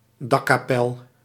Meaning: dormer, dormer window
- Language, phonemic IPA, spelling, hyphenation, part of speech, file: Dutch, /ˈdɑkaːˌpɛl/, dakkapel, dak‧ka‧pel, noun, Nl-dakkapel.ogg